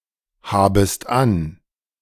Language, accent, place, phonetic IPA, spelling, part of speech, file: German, Germany, Berlin, [ˌhaːbəst ˈan], habest an, verb, De-habest an.ogg
- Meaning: second-person singular subjunctive I of anhaben